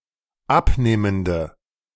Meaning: inflection of abnehmend: 1. strong/mixed nominative/accusative feminine singular 2. strong nominative/accusative plural 3. weak nominative all-gender singular
- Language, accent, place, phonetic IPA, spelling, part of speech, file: German, Germany, Berlin, [ˈapˌneːməndə], abnehmende, adjective, De-abnehmende.ogg